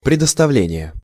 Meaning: assignment, allotment, placing at someone's disposal
- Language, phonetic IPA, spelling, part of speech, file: Russian, [prʲɪdəstɐˈvlʲenʲɪje], предоставление, noun, Ru-предоставление.ogg